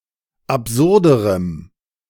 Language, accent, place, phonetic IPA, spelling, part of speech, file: German, Germany, Berlin, [apˈzʊʁdəʁəm], absurderem, adjective, De-absurderem.ogg
- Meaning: strong dative masculine/neuter singular comparative degree of absurd